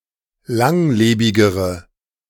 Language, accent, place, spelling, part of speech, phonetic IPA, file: German, Germany, Berlin, langlebigere, adjective, [ˈlaŋˌleːbɪɡəʁə], De-langlebigere.ogg
- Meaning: inflection of langlebig: 1. strong/mixed nominative/accusative feminine singular comparative degree 2. strong nominative/accusative plural comparative degree